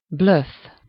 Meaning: bluff
- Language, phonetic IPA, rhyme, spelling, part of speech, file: Hungarian, [ˈbløfː], -øfː, blöff, noun, Hu-blöff.ogg